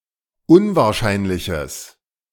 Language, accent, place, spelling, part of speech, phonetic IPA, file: German, Germany, Berlin, unwahrscheinliches, adjective, [ˈʊnvaːɐ̯ˌʃaɪ̯nlɪçəs], De-unwahrscheinliches.ogg
- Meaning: strong/mixed nominative/accusative neuter singular of unwahrscheinlich